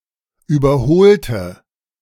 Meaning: inflection of überholen: 1. first/third-person singular preterite 2. first/third-person singular subjunctive II
- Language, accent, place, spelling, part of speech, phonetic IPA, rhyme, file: German, Germany, Berlin, überholte, adjective / verb, [ˌyːbɐˈhoːltə], -oːltə, De-überholte.ogg